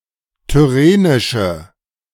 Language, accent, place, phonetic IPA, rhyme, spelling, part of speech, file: German, Germany, Berlin, [tʏˈʁeːnɪʃə], -eːnɪʃə, tyrrhenische, adjective, De-tyrrhenische.ogg
- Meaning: inflection of tyrrhenisch: 1. strong/mixed nominative/accusative feminine singular 2. strong nominative/accusative plural 3. weak nominative all-gender singular